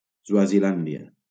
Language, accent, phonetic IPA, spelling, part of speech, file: Catalan, Valencia, [swa.ziˈlan.di.a], Swazilàndia, proper noun, LL-Q7026 (cat)-Swazilàndia.wav
- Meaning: Swaziland (former name of Eswatini: a country in Southern Africa; used until 2018)